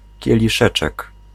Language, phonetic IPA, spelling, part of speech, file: Polish, [ˌcɛlʲiˈʃɛt͡ʃɛk], kieliszeczek, noun, Pl-kieliszeczek.ogg